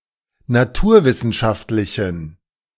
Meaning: inflection of naturwissenschaftlich: 1. strong genitive masculine/neuter singular 2. weak/mixed genitive/dative all-gender singular 3. strong/weak/mixed accusative masculine singular
- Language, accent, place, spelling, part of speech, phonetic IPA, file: German, Germany, Berlin, naturwissenschaftlichen, adjective, [naˈtuːɐ̯ˌvɪsn̩ʃaftlɪçn̩], De-naturwissenschaftlichen.ogg